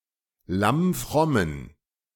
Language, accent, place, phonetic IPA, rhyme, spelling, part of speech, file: German, Germany, Berlin, [ˌlamˈfʁɔmən], -ɔmən, lammfrommen, adjective, De-lammfrommen.ogg
- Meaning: inflection of lammfromm: 1. strong genitive masculine/neuter singular 2. weak/mixed genitive/dative all-gender singular 3. strong/weak/mixed accusative masculine singular 4. strong dative plural